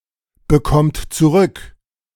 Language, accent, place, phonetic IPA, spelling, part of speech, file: German, Germany, Berlin, [bəˌkɔmt t͡suˈʁʏk], bekommt zurück, verb, De-bekommt zurück.ogg
- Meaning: inflection of zurückbekommen: 1. third-person singular present 2. second-person plural present 3. plural imperative